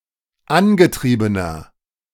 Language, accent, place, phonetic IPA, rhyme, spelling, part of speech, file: German, Germany, Berlin, [ˈanɡəˌtʁiːbənɐ], -anɡətʁiːbənɐ, angetriebener, adjective, De-angetriebener.ogg
- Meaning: inflection of angetrieben: 1. strong/mixed nominative masculine singular 2. strong genitive/dative feminine singular 3. strong genitive plural